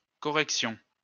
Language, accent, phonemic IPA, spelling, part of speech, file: French, France, /kɔ.ʁɛk.sjɔ̃/, corrections, noun, LL-Q150 (fra)-corrections.wav
- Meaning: plural of correction